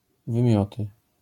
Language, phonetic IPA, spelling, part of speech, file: Polish, [vɨ̃ˈmʲjɔtɨ], wymioty, noun, LL-Q809 (pol)-wymioty.wav